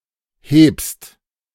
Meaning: second-person singular present of heben
- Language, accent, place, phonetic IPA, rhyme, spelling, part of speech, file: German, Germany, Berlin, [heːpst], -eːpst, hebst, verb, De-hebst.ogg